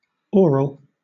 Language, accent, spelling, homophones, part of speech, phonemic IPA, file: English, Southern England, oral, aural, adjective / noun, /ˈɔː.ɹəl/, LL-Q1860 (eng)-oral.wav
- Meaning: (adjective) 1. Relating to the mouth 2. Relating to the mouth.: Done or taken by the mouth 3. Relating to the mouth.: Pronounced by the voice resonating in the mouth, as the vowels in English